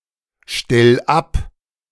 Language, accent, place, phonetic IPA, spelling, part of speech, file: German, Germany, Berlin, [ˌʃtɛl ˈap], stell ab, verb, De-stell ab.ogg
- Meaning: 1. singular imperative of abstellen 2. first-person singular present of abstellen